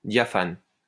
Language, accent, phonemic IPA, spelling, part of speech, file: French, France, /dja.fan/, diaphane, adjective, LL-Q150 (fra)-diaphane.wav
- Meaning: 1. diaphanous, translucent 2. delicate, fragile